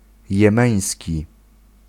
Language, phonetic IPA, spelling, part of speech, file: Polish, [jɛ̃ˈmɛ̃j̃sʲci], jemeński, adjective, Pl-jemeński.ogg